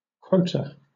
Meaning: 1. A proportional part or share; the share or proportion assigned to each in a division 2. A prescribed number or percentage that may serve as, for example, a maximum, a minimum, or a goal
- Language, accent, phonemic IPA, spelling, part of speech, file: English, Southern England, /ˈkwəʊ.tə/, quota, noun, LL-Q1860 (eng)-quota.wav